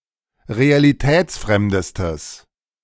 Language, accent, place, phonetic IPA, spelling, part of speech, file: German, Germany, Berlin, [ʁealiˈtɛːt͡sˌfʁɛmdəstəs], realitätsfremdestes, adjective, De-realitätsfremdestes.ogg
- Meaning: strong/mixed nominative/accusative neuter singular superlative degree of realitätsfremd